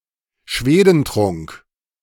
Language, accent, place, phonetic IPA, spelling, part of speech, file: German, Germany, Berlin, [ˈʃveːdənˌtʁʊŋk], Schwedentrunk, noun, De-Schwedentrunk.ogg
- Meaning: 1. a torture method consisting of forcibly pouring excrement into the victim's mouth 2. The drink used in the torture